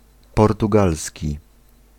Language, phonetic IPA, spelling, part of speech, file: Polish, [ˌpɔrtuˈɡalsʲci], portugalski, adjective / noun, Pl-portugalski.ogg